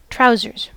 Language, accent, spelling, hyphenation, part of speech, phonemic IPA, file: English, General American, trousers, trou‧sers, noun, /ˈtɹaʊzɚz/, En-us-trousers.ogg
- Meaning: An article of clothing that covers the part of the body between the waist and the ankles or knees, and is divided into a separate part for each leg